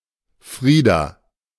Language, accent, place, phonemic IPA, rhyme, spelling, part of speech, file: German, Germany, Berlin, /ˈfʁiːda/, -iːda, Frieda, proper noun, De-Frieda.ogg
- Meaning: a female given name, popular at the turn of the 20th century